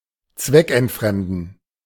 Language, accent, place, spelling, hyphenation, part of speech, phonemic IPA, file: German, Germany, Berlin, zweckentfremden, zweck‧ent‧frem‧den, verb, /ˈtsvɛk.ɛntˌfrɛmdən/, De-zweckentfremden.ogg
- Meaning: 1. to repurpose (use something for a purpose other than the originally intended one) 2. to misuse, use wrongly